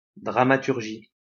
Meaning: dramaturgy
- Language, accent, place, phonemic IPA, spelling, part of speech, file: French, France, Lyon, /dʁa.ma.tyʁ.ʒi/, dramaturgie, noun, LL-Q150 (fra)-dramaturgie.wav